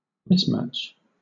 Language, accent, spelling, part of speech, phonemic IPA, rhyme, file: English, Southern England, mismatch, noun, /ˈmɪs.mæt͡ʃ/, -ætʃ, LL-Q1860 (eng)-mismatch.wav
- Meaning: Something that does not match; something dissimilar, inappropriate or unsuitable